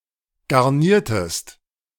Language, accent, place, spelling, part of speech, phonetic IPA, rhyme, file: German, Germany, Berlin, garniertest, verb, [ɡaʁˈniːɐ̯təst], -iːɐ̯təst, De-garniertest.ogg
- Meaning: inflection of garnieren: 1. second-person singular preterite 2. second-person singular subjunctive II